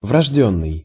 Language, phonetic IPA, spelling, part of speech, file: Russian, [vrɐʐˈdʲɵnːɨj], врождённый, adjective, Ru-врождённый.ogg
- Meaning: innate, inborn, indigenous